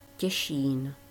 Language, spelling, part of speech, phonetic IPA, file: Czech, Těšín, proper noun, [ˈcɛʃiːn], Cs Těšín.ogg
- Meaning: Cieszyn (a city in Poland)